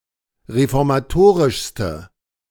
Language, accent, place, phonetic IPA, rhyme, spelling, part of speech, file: German, Germany, Berlin, [ʁefɔʁmaˈtoːʁɪʃstə], -oːʁɪʃstə, reformatorischste, adjective, De-reformatorischste.ogg
- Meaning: inflection of reformatorisch: 1. strong/mixed nominative/accusative feminine singular superlative degree 2. strong nominative/accusative plural superlative degree